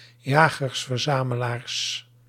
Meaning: plural of jager-verzamelaar
- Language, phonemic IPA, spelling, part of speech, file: Dutch, /ˌjaɣərsfərˈzaməlars/, jagers-verzamelaars, noun, Nl-jagers-verzamelaars.ogg